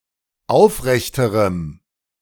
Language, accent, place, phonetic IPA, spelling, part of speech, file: German, Germany, Berlin, [ˈaʊ̯fˌʁɛçtəʁəm], aufrechterem, adjective, De-aufrechterem.ogg
- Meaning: strong dative masculine/neuter singular comparative degree of aufrecht